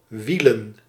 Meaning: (verb) to turn, rotate; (noun) plural of wiel
- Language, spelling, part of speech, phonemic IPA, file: Dutch, wielen, verb / noun, /ˈʋi.lə(n)/, Nl-wielen.ogg